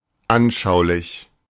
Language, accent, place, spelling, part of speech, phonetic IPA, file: German, Germany, Berlin, anschaulich, adjective, [ˈʔanʃaʊ̯lɪç], De-anschaulich.ogg
- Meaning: vivid